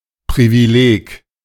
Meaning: privilege
- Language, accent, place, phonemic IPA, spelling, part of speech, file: German, Germany, Berlin, /ˌpʁiviˈleːk/, Privileg, noun, De-Privileg.ogg